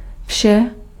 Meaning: nominative/accusative neuter singular of všechen
- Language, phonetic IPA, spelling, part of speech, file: Czech, [ˈfʃɛ], vše, pronoun, Cs-vše.ogg